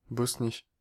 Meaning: 1. Bosnia (a geographic region of Bosnia and Herzegovina, consisting of the northern three fourths of the country) 2. Bosnia (a country in southeastern Europe; in full, Bosnia and Herzegovina)
- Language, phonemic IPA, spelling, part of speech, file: French, /bɔs.ni/, Bosnie, proper noun, Fr-Bosnie.ogg